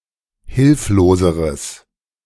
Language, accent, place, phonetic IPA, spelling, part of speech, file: German, Germany, Berlin, [ˈhɪlfloːzəʁəs], hilfloseres, adjective, De-hilfloseres.ogg
- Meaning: strong/mixed nominative/accusative neuter singular comparative degree of hilflos